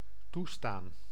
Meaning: to permit, allow
- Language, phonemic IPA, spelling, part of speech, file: Dutch, /ˈtustan/, toestaan, verb, Nl-toestaan.ogg